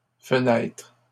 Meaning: plural of fenêtre
- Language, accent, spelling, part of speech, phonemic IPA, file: French, Canada, fenêtres, noun, /fə.nɛtʁ/, LL-Q150 (fra)-fenêtres.wav